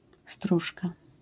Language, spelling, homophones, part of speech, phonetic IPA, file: Polish, strużka, stróżka, noun, [ˈstruʃka], LL-Q809 (pol)-strużka.wav